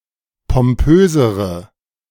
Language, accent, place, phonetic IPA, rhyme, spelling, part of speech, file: German, Germany, Berlin, [pɔmˈpøːzəʁə], -øːzəʁə, pompösere, adjective, De-pompösere.ogg
- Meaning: inflection of pompös: 1. strong/mixed nominative/accusative feminine singular comparative degree 2. strong nominative/accusative plural comparative degree